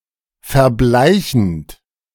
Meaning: present participle of verbleichen
- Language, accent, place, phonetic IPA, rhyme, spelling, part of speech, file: German, Germany, Berlin, [fɛɐ̯ˈblaɪ̯çn̩t], -aɪ̯çn̩t, verbleichend, verb, De-verbleichend.ogg